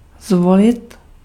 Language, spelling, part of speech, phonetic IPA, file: Czech, zvolit, verb, [ˈzvolɪt], Cs-zvolit.ogg
- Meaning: 1. to choose 2. to elect